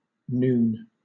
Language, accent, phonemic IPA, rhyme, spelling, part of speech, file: English, Southern England, /ˈnuːn/, -uːn, noone, noun, LL-Q1860 (eng)-noone.wav
- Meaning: Obsolete form of noon